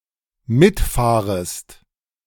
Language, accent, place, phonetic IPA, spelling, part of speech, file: German, Germany, Berlin, [ˈmɪtˌfaːʁəst], mitfahrest, verb, De-mitfahrest.ogg
- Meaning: second-person singular dependent subjunctive I of mitfahren